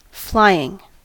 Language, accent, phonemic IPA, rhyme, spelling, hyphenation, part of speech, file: English, US, /ˈflaɪ.ɪŋ/, -aɪɪŋ, flying, fly‧ing, adjective / verb / noun, En-us-flying.ogg
- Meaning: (adjective) 1. That flies or can fly 2. Brief or hurried 3. Capable of moving rapidly; highly mobile 4. Not secured by yards 5. Capable of foiling